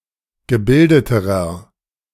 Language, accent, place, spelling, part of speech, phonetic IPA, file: German, Germany, Berlin, gebildeterer, adjective, [ɡəˈbɪldətəʁɐ], De-gebildeterer.ogg
- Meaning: inflection of gebildet: 1. strong/mixed nominative masculine singular comparative degree 2. strong genitive/dative feminine singular comparative degree 3. strong genitive plural comparative degree